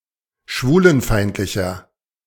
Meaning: 1. comparative degree of schwulenfeindlich 2. inflection of schwulenfeindlich: strong/mixed nominative masculine singular 3. inflection of schwulenfeindlich: strong genitive/dative feminine singular
- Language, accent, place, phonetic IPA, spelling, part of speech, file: German, Germany, Berlin, [ˈʃvuːlənˌfaɪ̯ntlɪçɐ], schwulenfeindlicher, adjective, De-schwulenfeindlicher.ogg